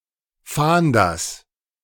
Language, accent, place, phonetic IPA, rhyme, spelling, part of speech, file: German, Germany, Berlin, [ˈfaːndɐs], -aːndɐs, Fahnders, noun, De-Fahnders.ogg
- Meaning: genitive singular of Fahnder